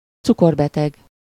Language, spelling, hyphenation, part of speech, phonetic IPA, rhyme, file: Hungarian, cukorbeteg, cu‧kor‧be‧teg, adjective / noun, [ˈt͡sukorbɛtɛɡ], -ɛɡ, Hu-cukorbeteg.ogg
- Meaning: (adjective) diabetic (having diabetes); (noun) diabetic (a person with diabetes)